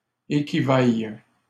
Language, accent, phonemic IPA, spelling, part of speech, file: French, Canada, /e.ki.vaj/, équivaille, verb, LL-Q150 (fra)-équivaille.wav
- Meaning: first/third-person singular present subjunctive of équivaloir